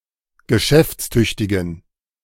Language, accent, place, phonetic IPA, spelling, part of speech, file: German, Germany, Berlin, [ɡəˈʃɛft͡sˌtʏçtɪɡn̩], geschäftstüchtigen, adjective, De-geschäftstüchtigen.ogg
- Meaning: inflection of geschäftstüchtig: 1. strong genitive masculine/neuter singular 2. weak/mixed genitive/dative all-gender singular 3. strong/weak/mixed accusative masculine singular